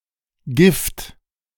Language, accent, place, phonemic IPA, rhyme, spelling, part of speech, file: German, Germany, Berlin, /ɡɪft/, -ɪft, Gift, noun, De-Gift.ogg
- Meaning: 1. poison; toxin; venom 2. gift; something given